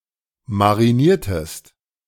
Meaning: inflection of marinieren: 1. second-person singular preterite 2. second-person singular subjunctive II
- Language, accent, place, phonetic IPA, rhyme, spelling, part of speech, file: German, Germany, Berlin, [maʁiˈniːɐ̯təst], -iːɐ̯təst, mariniertest, verb, De-mariniertest.ogg